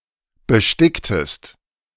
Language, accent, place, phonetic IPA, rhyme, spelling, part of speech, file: German, Germany, Berlin, [bəˈʃtɪktəst], -ɪktəst, besticktest, verb, De-besticktest.ogg
- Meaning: inflection of besticken: 1. second-person singular preterite 2. second-person singular subjunctive II